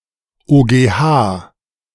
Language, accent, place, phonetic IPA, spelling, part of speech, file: German, Germany, Berlin, [oːɡeːˈhaː], OGH, abbreviation, De-OGH.ogg
- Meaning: initialism of Oberster Gerichtshof